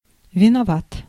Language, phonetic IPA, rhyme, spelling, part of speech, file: Russian, [vʲɪnɐˈvat], -at, виноват, adjective, Ru-виноват.ogg
- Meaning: short masculine singular of винова́тый (vinovátyj)